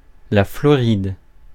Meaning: 1. Florida (a state of the United States) 2. Florida, Florida Peninsula (the peninsula which makes up most of the state of Florida, United States)
- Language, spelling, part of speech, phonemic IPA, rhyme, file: French, Floride, proper noun, /flɔ.ʁid/, -id, Fr-Floride.ogg